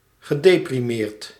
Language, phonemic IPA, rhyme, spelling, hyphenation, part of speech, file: Dutch, /ɣəˌdeː.priˈmeːrt/, -eːrt, gedeprimeerd, ge‧de‧pri‧meerd, verb, Nl-gedeprimeerd.ogg
- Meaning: past participle of deprimeren